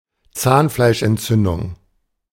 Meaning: gingivitis
- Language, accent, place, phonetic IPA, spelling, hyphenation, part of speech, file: German, Germany, Berlin, [ˈtsaːnflaɪ̯ʃʔɛntˌtsʏndʊŋ], Zahnfleischentzündung, Zahn‧fleisch‧ent‧zün‧dung, noun, De-Zahnfleischentzündung.ogg